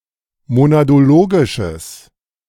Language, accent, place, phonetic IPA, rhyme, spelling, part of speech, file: German, Germany, Berlin, [monadoˈloːɡɪʃəs], -oːɡɪʃəs, monadologisches, adjective, De-monadologisches.ogg
- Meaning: strong/mixed nominative/accusative neuter singular of monadologisch